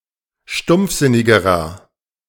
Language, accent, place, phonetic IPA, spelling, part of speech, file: German, Germany, Berlin, [ˈʃtʊmp͡fˌzɪnɪɡəʁɐ], stumpfsinnigerer, adjective, De-stumpfsinnigerer.ogg
- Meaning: inflection of stumpfsinnig: 1. strong/mixed nominative masculine singular comparative degree 2. strong genitive/dative feminine singular comparative degree 3. strong genitive plural comparative degree